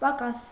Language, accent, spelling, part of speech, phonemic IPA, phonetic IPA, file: Armenian, Eastern Armenian, պակաս, adjective / noun, /pɑˈkɑs/, [pɑkɑ́s], Hy-պակաս.ogg
- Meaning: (adjective) 1. incomplete; missing; insufficient 2. less; worse 3. crazy, batty, cracked; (noun) lack, want; shortage, deficit; absence